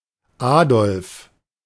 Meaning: a male given name from Old High German, equivalent to English Adolph
- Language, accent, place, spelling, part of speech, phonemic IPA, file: German, Germany, Berlin, Adolf, proper noun, /ˈaːdɔlf/, De-Adolf.ogg